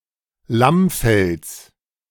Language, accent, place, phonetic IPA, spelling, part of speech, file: German, Germany, Berlin, [ˈlamˌfɛls], Lammfells, noun, De-Lammfells.ogg
- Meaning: genitive singular of Lammfell